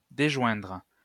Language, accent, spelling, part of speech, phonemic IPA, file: French, France, déjoindre, verb, /de.ʒwɛ̃dʁ/, LL-Q150 (fra)-déjoindre.wav
- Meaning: 1. "to disjoin (stone, wood)" 2. to become disjoined